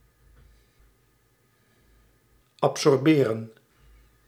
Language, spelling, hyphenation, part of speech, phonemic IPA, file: Dutch, absorberen, ab‧sor‧be‧ren, verb, /ɑp.sɔrˈbeːrə(n)/, Nl-absorberen.ogg
- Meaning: to absorb